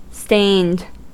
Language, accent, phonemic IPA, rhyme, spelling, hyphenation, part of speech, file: English, US, /steɪnd/, -eɪnd, stained, stained, adjective / verb, En-us-stained.ogg
- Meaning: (adjective) 1. having a stain 2. coloured by adding a pigment; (verb) simple past and past participle of stain